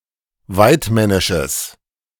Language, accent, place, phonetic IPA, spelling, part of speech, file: German, Germany, Berlin, [ˈvaɪ̯tˌmɛnɪʃəs], waidmännisches, adjective, De-waidmännisches.ogg
- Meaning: strong/mixed nominative/accusative neuter singular of waidmännisch